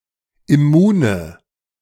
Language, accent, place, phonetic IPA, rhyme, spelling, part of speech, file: German, Germany, Berlin, [ɪˈmuːnə], -uːnə, immune, adjective, De-immune.ogg
- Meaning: inflection of immun: 1. strong/mixed nominative/accusative feminine singular 2. strong nominative/accusative plural 3. weak nominative all-gender singular 4. weak accusative feminine/neuter singular